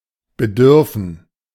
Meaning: to require, to need
- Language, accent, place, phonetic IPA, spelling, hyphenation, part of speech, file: German, Germany, Berlin, [bəˈdʏʁfən], bedürfen, be‧dür‧fen, verb, De-bedürfen.ogg